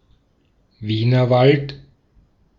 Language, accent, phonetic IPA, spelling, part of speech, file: German, Austria, [ˈviːnɐˌvalt], Wienerwald, proper noun, De-at-Wienerwald.ogg
- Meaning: a municipality of Lower Austria, Austria